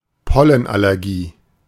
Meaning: hay fever, pollen allergy
- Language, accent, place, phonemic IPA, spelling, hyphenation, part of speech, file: German, Germany, Berlin, /ˈpɔlən.alɛʁˌɡiː/, Pollenallergie, Pol‧len‧al‧l‧er‧gie, noun, De-Pollenallergie.ogg